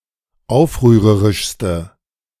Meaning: inflection of aufrührerisch: 1. strong/mixed nominative/accusative feminine singular superlative degree 2. strong nominative/accusative plural superlative degree
- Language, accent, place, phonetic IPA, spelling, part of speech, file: German, Germany, Berlin, [ˈaʊ̯fʁyːʁəʁɪʃstə], aufrührerischste, adjective, De-aufrührerischste.ogg